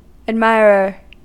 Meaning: 1. One who admires 2. One who is romantically attracted to someone
- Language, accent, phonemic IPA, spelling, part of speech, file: English, US, /ædˈmaɪ.ɹɚ/, admirer, noun, En-us-admirer.ogg